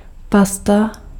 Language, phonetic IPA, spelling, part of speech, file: Czech, [ˈpasta], pasta, noun, Cs-pasta.ogg
- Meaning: paste